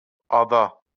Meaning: island
- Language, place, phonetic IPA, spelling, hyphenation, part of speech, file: Azerbaijani, Baku, [ɑˈdɑ], ada, a‧da, noun, LL-Q9292 (aze)-ada.wav